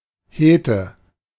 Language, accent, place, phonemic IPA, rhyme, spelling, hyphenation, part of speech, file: German, Germany, Berlin, /ˈheːtə/, -eːtə, Hete, He‧te, noun, De-Hete.ogg
- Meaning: hetty, breeder (heterosexual person)